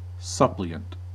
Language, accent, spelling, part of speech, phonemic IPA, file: English, US, suppliant, adjective / noun, /ˈsʌpliənt/, En-us-suppliant.ogg
- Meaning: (adjective) 1. Entreating with humility; supplicant 2. Supplying; auxiliary; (noun) One who pleads or requests earnestly